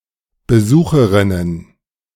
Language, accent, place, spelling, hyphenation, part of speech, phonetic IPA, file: German, Germany, Berlin, Besucherinnen, Be‧su‧che‧rin‧nen, noun, [bəˈzuːxəʁɪnən], De-Besucherinnen.ogg
- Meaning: plural of Besucherin